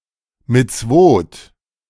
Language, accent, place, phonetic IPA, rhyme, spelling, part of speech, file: German, Germany, Berlin, [mɪt͡sˈvoːt], -oːt, Mitzwoth, noun, De-Mitzwoth.ogg
- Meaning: plural of Mitzwa